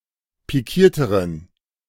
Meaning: inflection of pikiert: 1. strong genitive masculine/neuter singular comparative degree 2. weak/mixed genitive/dative all-gender singular comparative degree
- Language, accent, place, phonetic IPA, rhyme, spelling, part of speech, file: German, Germany, Berlin, [piˈkiːɐ̯təʁən], -iːɐ̯təʁən, pikierteren, adjective, De-pikierteren.ogg